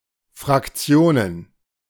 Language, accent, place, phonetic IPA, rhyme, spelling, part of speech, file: German, Germany, Berlin, [fʁakˈt͡si̯oːnən], -oːnən, Fraktionen, noun, De-Fraktionen.ogg
- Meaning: plural of Fraktion